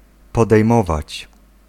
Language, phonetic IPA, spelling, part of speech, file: Polish, [ˌpɔdɛjˈmɔvat͡ɕ], podejmować, verb, Pl-podejmować.ogg